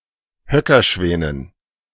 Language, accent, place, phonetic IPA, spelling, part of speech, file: German, Germany, Berlin, [ˈhœkɐˌʃvɛːnən], Höckerschwänen, noun, De-Höckerschwänen.ogg
- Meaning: dative plural of Höckerschwan